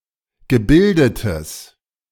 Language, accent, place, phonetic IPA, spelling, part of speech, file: German, Germany, Berlin, [ɡəˈbɪldətəs], gebildetes, adjective, De-gebildetes.ogg
- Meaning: strong/mixed nominative/accusative neuter singular of gebildet